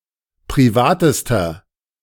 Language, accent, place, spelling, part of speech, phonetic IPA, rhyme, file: German, Germany, Berlin, privatester, adjective, [pʁiˈvaːtəstɐ], -aːtəstɐ, De-privatester.ogg
- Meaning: inflection of privat: 1. strong/mixed nominative masculine singular superlative degree 2. strong genitive/dative feminine singular superlative degree 3. strong genitive plural superlative degree